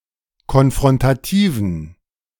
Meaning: inflection of konfrontativ: 1. strong genitive masculine/neuter singular 2. weak/mixed genitive/dative all-gender singular 3. strong/weak/mixed accusative masculine singular 4. strong dative plural
- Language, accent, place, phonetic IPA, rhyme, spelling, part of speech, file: German, Germany, Berlin, [kɔnfʁɔntaˈtiːvn̩], -iːvn̩, konfrontativen, adjective, De-konfrontativen.ogg